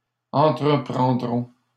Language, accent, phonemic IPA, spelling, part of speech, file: French, Canada, /ɑ̃.tʁə.pʁɑ̃.dʁɔ̃/, entreprendront, verb, LL-Q150 (fra)-entreprendront.wav
- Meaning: third-person plural future of entreprendre